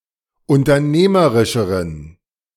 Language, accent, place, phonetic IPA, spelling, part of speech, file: German, Germany, Berlin, [ʊntɐˈneːməʁɪʃəʁən], unternehmerischeren, adjective, De-unternehmerischeren.ogg
- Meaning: inflection of unternehmerisch: 1. strong genitive masculine/neuter singular comparative degree 2. weak/mixed genitive/dative all-gender singular comparative degree